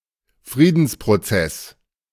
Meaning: peace process
- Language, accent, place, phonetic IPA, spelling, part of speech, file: German, Germany, Berlin, [ˈfʁiːdn̩spʁoˌt͡sɛs], Friedensprozess, noun, De-Friedensprozess.ogg